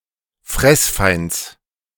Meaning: genitive singular of Fressfeind
- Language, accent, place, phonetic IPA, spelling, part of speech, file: German, Germany, Berlin, [ˈfʁɛsˌfaɪ̯nt͡s], Fressfeinds, noun, De-Fressfeinds.ogg